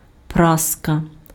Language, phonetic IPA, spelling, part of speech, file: Ukrainian, [ˈpraskɐ], праска, noun, Uk-праска.ogg
- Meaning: iron (tool or appliance for pressing clothes)